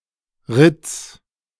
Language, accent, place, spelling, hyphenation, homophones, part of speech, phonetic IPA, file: German, Germany, Berlin, ritz, ritz, Ritts, verb, [ʁɪts], De-ritz.ogg
- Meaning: singular imperative of ritzen